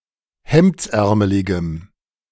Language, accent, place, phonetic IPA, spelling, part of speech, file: German, Germany, Berlin, [ˈhɛmt͡sˌʔɛʁməlɪɡəm], hemdsärmeligem, adjective, De-hemdsärmeligem.ogg
- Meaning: strong dative masculine/neuter singular of hemdsärmelig